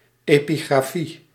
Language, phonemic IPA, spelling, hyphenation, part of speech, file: Dutch, /ˈeː.piˌɣraː.fi/, epigrafie, epi‧gra‧fie, noun, Nl-epigrafie.ogg
- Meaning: epigraphy